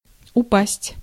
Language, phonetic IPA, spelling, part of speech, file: Russian, [ʊˈpasʲtʲ], упасть, verb, Ru-упасть.ogg
- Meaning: 1. to fall, to drop 2. to sink, to decline, to worsen